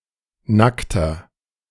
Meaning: 1. comparative degree of nackt 2. inflection of nackt: strong/mixed nominative masculine singular 3. inflection of nackt: strong genitive/dative feminine singular
- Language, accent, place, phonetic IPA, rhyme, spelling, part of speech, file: German, Germany, Berlin, [ˈnaktɐ], -aktɐ, nackter, adjective, De-nackter2.ogg